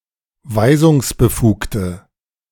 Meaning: inflection of weisungsbefugt: 1. strong/mixed nominative/accusative feminine singular 2. strong nominative/accusative plural 3. weak nominative all-gender singular
- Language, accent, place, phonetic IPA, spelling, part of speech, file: German, Germany, Berlin, [ˈvaɪ̯zʊŋsbəˌfuːktə], weisungsbefugte, adjective, De-weisungsbefugte.ogg